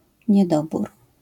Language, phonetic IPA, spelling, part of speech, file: Polish, [ɲɛˈdɔbur], niedobór, noun, LL-Q809 (pol)-niedobór.wav